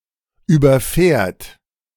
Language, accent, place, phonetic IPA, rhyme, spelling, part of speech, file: German, Germany, Berlin, [yːbɐˈfɛːɐ̯t], -ɛːɐ̯t, überfährt, verb, De-überfährt.ogg
- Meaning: third-person singular present of überfahren